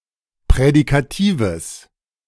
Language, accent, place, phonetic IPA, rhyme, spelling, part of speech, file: German, Germany, Berlin, [pʁɛdikaˈtiːvəs], -iːvəs, prädikatives, adjective, De-prädikatives.ogg
- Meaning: strong/mixed nominative/accusative neuter singular of prädikativ